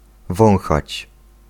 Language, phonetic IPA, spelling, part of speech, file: Polish, [ˈvɔ̃w̃xat͡ɕ], wąchać, verb, Pl-wąchać.ogg